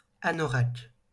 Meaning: anorak (heavy weatherproof jacket)
- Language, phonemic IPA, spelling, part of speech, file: French, /a.nɔ.ʁak/, anorak, noun, LL-Q150 (fra)-anorak.wav